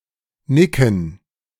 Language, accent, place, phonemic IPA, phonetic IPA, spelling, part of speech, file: German, Germany, Berlin, /ˈnɪkən/, [ˈnɪkŋ̍], nicken, verb, De-nicken.ogg
- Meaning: to nod (one's head)